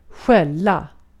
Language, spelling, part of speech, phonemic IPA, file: Swedish, skälla, noun / verb, /ˈɧɛla/, Sv-skälla.ogg
- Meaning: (noun) bell (carried by animals around their necks); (verb) 1. to bark 2. to scold, to tell off 3. to be called, to be accused of being